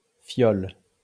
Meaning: vial, phial
- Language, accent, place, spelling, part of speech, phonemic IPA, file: French, France, Lyon, fiole, noun, /fjɔl/, LL-Q150 (fra)-fiole.wav